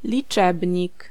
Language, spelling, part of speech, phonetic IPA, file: Polish, liczebnik, noun, [lʲiˈt͡ʃɛbʲɲik], Pl-liczebnik.ogg